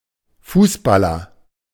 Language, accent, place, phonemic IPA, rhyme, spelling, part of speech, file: German, Germany, Berlin, /ˈfuːsˌbalɐ/, -alɐ, Fußballer, noun, De-Fußballer.ogg
- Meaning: footballer (British); football player (Britain), soccer player (US, Canada, Australia)